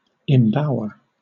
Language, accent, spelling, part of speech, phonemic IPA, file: English, Southern England, embower, verb, /ɛmˈbaʊɚ/, LL-Q1860 (eng)-embower.wav
- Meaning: 1. To enclose something or someone as if in a bower; shelter with foliage 2. To lodge or rest in or as in a bower 3. To form a bower